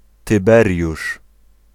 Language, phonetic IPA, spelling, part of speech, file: Polish, [tɨˈbɛrʲjuʃ], Tyberiusz, proper noun, Pl-Tyberiusz.ogg